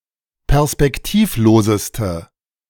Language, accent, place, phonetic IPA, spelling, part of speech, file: German, Germany, Berlin, [pɛʁspɛkˈtiːfˌloːzəstə], perspektivloseste, adjective, De-perspektivloseste.ogg
- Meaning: inflection of perspektivlos: 1. strong/mixed nominative/accusative feminine singular superlative degree 2. strong nominative/accusative plural superlative degree